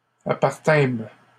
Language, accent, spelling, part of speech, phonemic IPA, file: French, Canada, appartînmes, verb, /a.paʁ.tɛ̃m/, LL-Q150 (fra)-appartînmes.wav
- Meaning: first-person plural past historic of appartenir